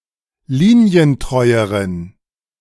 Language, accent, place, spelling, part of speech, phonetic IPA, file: German, Germany, Berlin, linientreueren, adjective, [ˈliːni̯ənˌtʁɔɪ̯əʁən], De-linientreueren.ogg
- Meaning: inflection of linientreu: 1. strong genitive masculine/neuter singular comparative degree 2. weak/mixed genitive/dative all-gender singular comparative degree